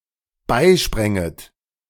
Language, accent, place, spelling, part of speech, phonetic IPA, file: German, Germany, Berlin, beispränget, verb, [ˈbaɪ̯ˌʃpʁɛŋət], De-beispränget.ogg
- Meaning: second-person plural dependent subjunctive II of beispringen